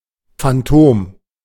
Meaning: phantom
- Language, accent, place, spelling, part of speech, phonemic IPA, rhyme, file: German, Germany, Berlin, Phantom, noun, /fanˈtoːm/, -oːm, De-Phantom.ogg